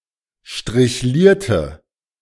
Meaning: inflection of strichliert: 1. strong/mixed nominative/accusative feminine singular 2. strong nominative/accusative plural 3. weak nominative all-gender singular
- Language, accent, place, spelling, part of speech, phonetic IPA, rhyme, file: German, Germany, Berlin, strichlierte, adjective / verb, [ʃtʁɪçˈliːɐ̯tə], -iːɐ̯tə, De-strichlierte.ogg